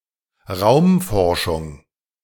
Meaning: space science
- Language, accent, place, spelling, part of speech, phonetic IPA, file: German, Germany, Berlin, Raumforschung, noun, [ˈʁaʊ̯mˌfɔʁʃʊŋ], De-Raumforschung.ogg